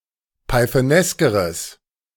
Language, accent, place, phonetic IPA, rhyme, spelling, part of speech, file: German, Germany, Berlin, [paɪ̯θəˈnɛskəʁəs], -ɛskəʁəs, pythoneskeres, adjective, De-pythoneskeres.ogg
- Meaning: strong/mixed nominative/accusative neuter singular comparative degree of pythonesk